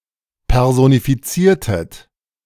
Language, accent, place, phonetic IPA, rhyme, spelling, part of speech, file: German, Germany, Berlin, [ˌpɛʁzonifiˈt͡siːɐ̯tət], -iːɐ̯tət, personifiziertet, verb, De-personifiziertet.ogg
- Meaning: inflection of personifizieren: 1. second-person plural preterite 2. second-person plural subjunctive II